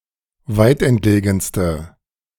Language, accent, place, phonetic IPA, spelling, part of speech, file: German, Germany, Berlin, [ˈvaɪ̯tʔɛntˌleːɡn̩stə], weitentlegenste, adjective, De-weitentlegenste.ogg
- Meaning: inflection of weitentlegen: 1. strong/mixed nominative/accusative feminine singular superlative degree 2. strong nominative/accusative plural superlative degree